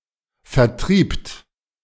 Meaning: second-person plural preterite of vertreiben
- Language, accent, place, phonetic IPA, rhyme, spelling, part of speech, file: German, Germany, Berlin, [fɛɐ̯ˈtʁiːpt], -iːpt, vertriebt, verb, De-vertriebt.ogg